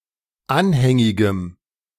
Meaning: strong dative masculine/neuter singular of anhängig
- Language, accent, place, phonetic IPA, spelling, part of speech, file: German, Germany, Berlin, [ˈanhɛŋɪɡəm], anhängigem, adjective, De-anhängigem.ogg